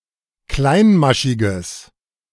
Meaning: strong/mixed nominative/accusative neuter singular of kleinmaschig
- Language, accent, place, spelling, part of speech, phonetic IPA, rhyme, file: German, Germany, Berlin, kleinmaschiges, adjective, [ˈklaɪ̯nˌmaʃɪɡəs], -aɪ̯nmaʃɪɡəs, De-kleinmaschiges.ogg